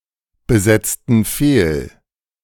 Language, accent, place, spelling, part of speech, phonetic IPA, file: German, Germany, Berlin, besetzten fehl, verb, [bəˌzɛt͡stn̩ ˈfeːl], De-besetzten fehl.ogg
- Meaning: inflection of fehlbesetzen: 1. first/third-person plural preterite 2. first/third-person plural subjunctive II